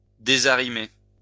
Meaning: to shift (move something that had been placed somewhere)
- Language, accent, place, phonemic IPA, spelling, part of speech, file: French, France, Lyon, /de.za.ʁi.me/, désarrimer, verb, LL-Q150 (fra)-désarrimer.wav